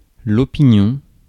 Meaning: opinion (thought, estimation)
- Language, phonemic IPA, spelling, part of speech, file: French, /ɔ.pi.njɔ̃/, opinion, noun, Fr-opinion.ogg